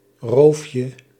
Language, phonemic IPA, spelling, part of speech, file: Dutch, /ˈrofjə/, roofje, noun, Nl-roofje.ogg
- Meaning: diminutive of roof